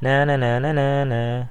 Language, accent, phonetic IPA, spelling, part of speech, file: English, US, [ˌnænəˌnænəˈnæːˌnæː], na na na na na na, phrase, En-us-na na na na na na.ogg
- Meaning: Alternative form of na-na na-na boo-boo